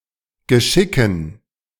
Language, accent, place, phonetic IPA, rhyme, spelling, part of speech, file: German, Germany, Berlin, [ɡəˈʃɪkn̩], -ɪkn̩, Geschicken, noun, De-Geschicken.ogg
- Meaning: dative plural of Geschick